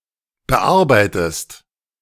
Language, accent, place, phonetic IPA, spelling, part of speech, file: German, Germany, Berlin, [bəˈʔaʁbaɪ̯təst], bearbeitest, verb, De-bearbeitest.ogg
- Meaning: inflection of bearbeiten: 1. second-person singular present 2. second-person singular subjunctive I